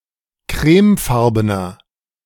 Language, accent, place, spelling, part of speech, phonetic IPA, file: German, Germany, Berlin, crèmefarbener, adjective, [ˈkʁɛːmˌfaʁbənɐ], De-crèmefarbener.ogg
- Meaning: inflection of crèmefarben: 1. strong/mixed nominative masculine singular 2. strong genitive/dative feminine singular 3. strong genitive plural